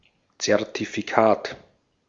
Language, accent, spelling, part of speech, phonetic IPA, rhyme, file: German, Austria, Zertifikat, noun, [t͡sɛʁtifiˈkaːt], -aːt, De-at-Zertifikat.ogg
- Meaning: certificate